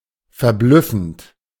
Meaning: present participle of verblüffen
- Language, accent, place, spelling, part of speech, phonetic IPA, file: German, Germany, Berlin, verblüffend, verb, [fɛɐ̯ˈblʏfn̩t], De-verblüffend.ogg